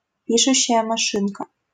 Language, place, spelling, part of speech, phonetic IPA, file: Russian, Saint Petersburg, пишущая машинка, noun, [ˈpʲiʂʊɕːɪjə mɐˈʂɨnkə], LL-Q7737 (rus)-пишущая машинка.wav
- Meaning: typewriter